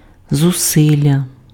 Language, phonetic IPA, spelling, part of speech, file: Ukrainian, [zʊˈsɪlʲːɐ], зусилля, noun, Uk-зусилля.ogg
- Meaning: effort